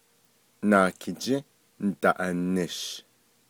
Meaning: Tuesday
- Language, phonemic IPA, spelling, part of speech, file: Navajo, /nɑ̀ːkʰɪ̀t͡ʃĩ́ ǹ̩tɑ̀ʔɑ̀nɪ̀ʃ/, Naakijį́ Ndaʼanish, noun, Nv-Naakijį́ Ndaʼanish.ogg